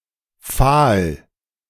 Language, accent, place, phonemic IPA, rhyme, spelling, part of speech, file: German, Germany, Berlin, /faːl/, -aːl, fahl, adjective, De-fahl.ogg
- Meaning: 1. pale; faint 2. sallow; pale (discoloured due to sickness, shock, etc.) 3. pale; dun-coloured 4. fair; blond